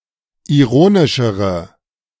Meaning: inflection of ironisch: 1. strong/mixed nominative/accusative feminine singular comparative degree 2. strong nominative/accusative plural comparative degree
- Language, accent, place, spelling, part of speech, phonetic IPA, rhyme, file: German, Germany, Berlin, ironischere, adjective, [iˈʁoːnɪʃəʁə], -oːnɪʃəʁə, De-ironischere.ogg